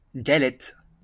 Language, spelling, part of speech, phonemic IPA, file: French, galette, noun, /ɡa.lɛt/, LL-Q150 (fra)-galette.wav
- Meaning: 1. galette 2. dough, dosh, bread (money) 3. cookie 4. bannock, frybread